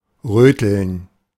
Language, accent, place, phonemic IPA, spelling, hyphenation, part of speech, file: German, Germany, Berlin, /ˈʁøːtl̩n/, Röteln, Rö‧teln, noun, De-Röteln.ogg
- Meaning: rubella, German measles